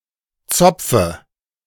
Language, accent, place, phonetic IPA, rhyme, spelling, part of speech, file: German, Germany, Berlin, [ˈt͡sɔp͡fə], -ɔp͡fə, Zopfe, noun, De-Zopfe.ogg
- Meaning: dative of Zopf